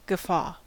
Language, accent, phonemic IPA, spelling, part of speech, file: English, US, /ɡəˈfɔ/, guffaw, noun / verb, En-us-guffaw.ogg
- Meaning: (noun) A boisterous laugh; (verb) To laugh boisterously